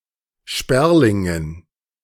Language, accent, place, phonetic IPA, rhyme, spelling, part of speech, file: German, Germany, Berlin, [ˈʃpɛʁlɪŋən], -ɛʁlɪŋən, Sperlingen, noun, De-Sperlingen.ogg
- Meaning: dative plural of Sperling